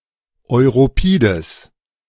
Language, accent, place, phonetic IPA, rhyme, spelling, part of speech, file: German, Germany, Berlin, [ɔɪ̯ʁoˈpiːdəs], -iːdəs, europides, adjective, De-europides.ogg
- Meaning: strong/mixed nominative/accusative neuter singular of europid